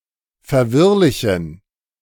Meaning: inflection of verwirrlich: 1. strong genitive masculine/neuter singular 2. weak/mixed genitive/dative all-gender singular 3. strong/weak/mixed accusative masculine singular 4. strong dative plural
- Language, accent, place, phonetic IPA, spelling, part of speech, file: German, Germany, Berlin, [fɛɐ̯ˈvɪʁlɪçn̩], verwirrlichen, adjective, De-verwirrlichen.ogg